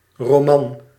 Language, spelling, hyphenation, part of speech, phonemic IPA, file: Dutch, roman, ro‧man, noun, /roːˈmɑn/, Nl-roman.ogg
- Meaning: a novel (work of fiction)